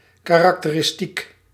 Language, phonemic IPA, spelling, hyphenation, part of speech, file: Dutch, /kaˌrɑktərɪsˈtik/, karakteristiek, ka‧rak‧te‧ris‧tiek, noun / adjective, Nl-karakteristiek.ogg
- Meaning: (noun) characteristic